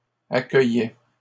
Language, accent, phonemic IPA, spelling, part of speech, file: French, Canada, /a.kœ.jɛ/, accueillait, verb, LL-Q150 (fra)-accueillait.wav
- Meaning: third-person singular imperfect indicative of accueillir